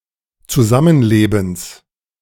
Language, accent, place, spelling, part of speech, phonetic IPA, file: German, Germany, Berlin, Zusammenlebens, noun, [t͡suˈzamənˌleːbn̩s], De-Zusammenlebens.ogg
- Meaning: genitive singular of Zusammenleben